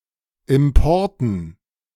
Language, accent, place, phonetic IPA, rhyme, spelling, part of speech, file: German, Germany, Berlin, [ˌɪmˈpɔʁtn̩], -ɔʁtn̩, Importen, noun, De-Importen.ogg
- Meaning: dative plural of Import